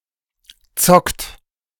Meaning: inflection of zocken: 1. third-person singular present 2. second-person plural present 3. plural imperative
- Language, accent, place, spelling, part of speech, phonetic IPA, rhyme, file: German, Germany, Berlin, zockt, verb, [t͡sɔkt], -ɔkt, De-zockt.ogg